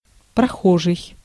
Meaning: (adjective) passing, in transit; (noun) passer-by (a person who is passing by)
- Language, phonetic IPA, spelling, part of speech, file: Russian, [prɐˈxoʐɨj], прохожий, adjective / noun, Ru-прохожий.ogg